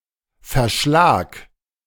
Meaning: shed, shack
- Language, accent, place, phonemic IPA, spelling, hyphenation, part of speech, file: German, Germany, Berlin, /fɛɐ̯ˈʃlaːk/, Verschlag, Ver‧schlag, noun, De-Verschlag.ogg